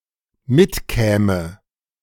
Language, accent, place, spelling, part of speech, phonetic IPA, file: German, Germany, Berlin, mitkäme, verb, [ˈmɪtˌkɛːmə], De-mitkäme.ogg
- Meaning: first/third-person singular dependent subjunctive II of mitkommen